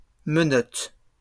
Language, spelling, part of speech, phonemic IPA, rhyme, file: French, menotte, noun, /mə.nɔt/, -ɔt, LL-Q150 (fra)-menotte.wav
- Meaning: 1. small hand (especially the hand of a child) 2. handcuffs